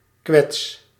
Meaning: inflection of kwetsen: 1. first-person singular present indicative 2. second-person singular present indicative 3. imperative
- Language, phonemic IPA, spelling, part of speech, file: Dutch, /kwɛts/, kwets, noun / verb, Nl-kwets.ogg